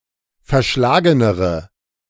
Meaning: inflection of verschlagen: 1. strong/mixed nominative/accusative feminine singular comparative degree 2. strong nominative/accusative plural comparative degree
- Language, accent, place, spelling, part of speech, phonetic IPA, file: German, Germany, Berlin, verschlagenere, adjective, [fɛɐ̯ˈʃlaːɡənəʁə], De-verschlagenere.ogg